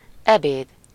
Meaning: lunch (a meal eaten around midday; the meals prepared for lunch)
- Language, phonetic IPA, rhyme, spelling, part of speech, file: Hungarian, [ˈɛbeːd], -eːd, ebéd, noun, Hu-ebéd.ogg